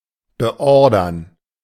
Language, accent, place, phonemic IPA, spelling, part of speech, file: German, Germany, Berlin, /bəˈɔrdərn/, beordern, verb, De-beordern.ogg
- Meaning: 1. to order (a soldier) to come and/or present himself 2. to order (a soldier) to come and/or present himself: to order (a reservist) to present himself for active service